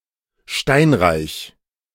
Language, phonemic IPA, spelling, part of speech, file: German, /ˈʃtaɪ̯nˌʁaɪ̯ç/, steinreich, adjective, De-steinreich.ogg
- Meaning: rich in stone(s)